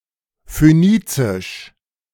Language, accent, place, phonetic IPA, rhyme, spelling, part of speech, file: German, Germany, Berlin, [føˈniːt͡sɪʃ], -iːt͡sɪʃ, phönizisch, adjective, De-phönizisch.ogg
- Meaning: Phoenician (related to Phoenicia)